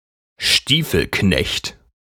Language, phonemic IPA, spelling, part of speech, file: German, /ˈʃtiːfl̩ˌknɛçt/, Stiefelknecht, noun, De-Stiefelknecht.ogg
- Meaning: bootjack; boot jack (a V-shaped, or forked, device for pulling off boots)